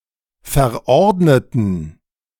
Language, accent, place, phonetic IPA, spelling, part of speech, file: German, Germany, Berlin, [fɛɐ̯ˈʔɔʁdnətn̩], verordneten, adjective / verb, De-verordneten.ogg
- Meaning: inflection of verordnet: 1. strong genitive masculine/neuter singular 2. weak/mixed genitive/dative all-gender singular 3. strong/weak/mixed accusative masculine singular 4. strong dative plural